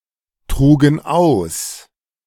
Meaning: first/third-person plural preterite of austragen
- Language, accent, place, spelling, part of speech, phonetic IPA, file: German, Germany, Berlin, trugen aus, verb, [ˌtʁuːɡn̩ ˈaʊ̯s], De-trugen aus.ogg